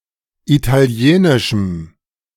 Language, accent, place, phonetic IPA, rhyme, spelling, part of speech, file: German, Germany, Berlin, [ˌitaˈli̯eːnɪʃm̩], -eːnɪʃm̩, italienischem, adjective, De-italienischem.ogg
- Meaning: strong dative masculine/neuter singular of italienisch